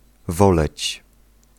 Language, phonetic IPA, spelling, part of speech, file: Polish, [ˈvɔlɛt͡ɕ], woleć, verb, Pl-woleć.ogg